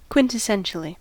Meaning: In a manner that is typical or characteristic of a thing's nature
- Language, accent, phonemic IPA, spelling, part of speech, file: English, US, /ˌkwɪntɪˈsɛnʃəli/, quintessentially, adverb, En-us-quintessentially.ogg